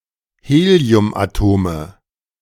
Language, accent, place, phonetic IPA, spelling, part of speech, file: German, Germany, Berlin, [ˈheːli̯ʊmʔaˌtoːmə], Heliumatome, noun, De-Heliumatome.ogg
- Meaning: nominative/accusative/genitive plural of Heliumatom